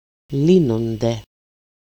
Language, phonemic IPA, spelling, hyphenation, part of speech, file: Greek, /ˈlinonde/, λύνονται, λύ‧νο‧νται, verb, El-λύνονται.ogg
- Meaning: third-person plural present passive indicative of λύνω (lýno)